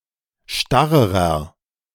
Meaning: inflection of starr: 1. strong/mixed nominative masculine singular comparative degree 2. strong genitive/dative feminine singular comparative degree 3. strong genitive plural comparative degree
- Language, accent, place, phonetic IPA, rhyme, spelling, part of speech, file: German, Germany, Berlin, [ˈʃtaʁəʁɐ], -aʁəʁɐ, starrerer, adjective, De-starrerer.ogg